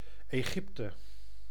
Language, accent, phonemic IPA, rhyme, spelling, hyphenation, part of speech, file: Dutch, Netherlands, /eːˈɣɪp.tə/, -ɪptə, Egypte, Egyp‧te, proper noun, Nl-Egypte.ogg
- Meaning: 1. Egypt (a country in North Africa and West Asia) 2. a hamlet in Achtkarspelen, Friesland, Netherlands 3. a hamlet in Ooststellingwerf, Friesland, Netherlands